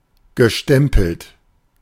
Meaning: past participle of stempeln
- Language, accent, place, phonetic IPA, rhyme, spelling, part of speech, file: German, Germany, Berlin, [ɡəˈʃtɛmpl̩t], -ɛmpl̩t, gestempelt, verb, De-gestempelt.ogg